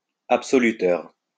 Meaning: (adjective) absolving; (noun) absolver
- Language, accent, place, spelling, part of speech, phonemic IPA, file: French, France, Lyon, absoluteur, adjective / noun, /ap.sɔ.ly.tœʁ/, LL-Q150 (fra)-absoluteur.wav